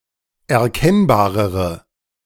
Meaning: inflection of erkennbar: 1. strong/mixed nominative/accusative feminine singular comparative degree 2. strong nominative/accusative plural comparative degree
- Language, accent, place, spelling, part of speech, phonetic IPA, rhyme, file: German, Germany, Berlin, erkennbarere, adjective, [ɛɐ̯ˈkɛnbaːʁəʁə], -ɛnbaːʁəʁə, De-erkennbarere.ogg